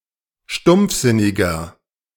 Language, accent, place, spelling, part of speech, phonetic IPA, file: German, Germany, Berlin, stumpfsinniger, adjective, [ˈʃtʊmp͡fˌzɪnɪɡɐ], De-stumpfsinniger.ogg
- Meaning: 1. comparative degree of stumpfsinnig 2. inflection of stumpfsinnig: strong/mixed nominative masculine singular 3. inflection of stumpfsinnig: strong genitive/dative feminine singular